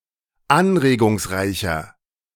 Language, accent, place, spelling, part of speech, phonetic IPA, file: German, Germany, Berlin, anregungsreicher, adjective, [ˈanʁeːɡʊŋsˌʁaɪ̯çɐ], De-anregungsreicher.ogg
- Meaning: 1. comparative degree of anregungsreich 2. inflection of anregungsreich: strong/mixed nominative masculine singular 3. inflection of anregungsreich: strong genitive/dative feminine singular